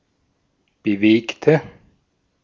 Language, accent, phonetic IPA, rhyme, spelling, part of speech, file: German, Austria, [bəˈveːktə], -eːktə, bewegte, adjective / verb, De-at-bewegte.ogg
- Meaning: inflection of bewegt: 1. strong/mixed nominative/accusative feminine singular 2. strong nominative/accusative plural 3. weak nominative all-gender singular 4. weak accusative feminine/neuter singular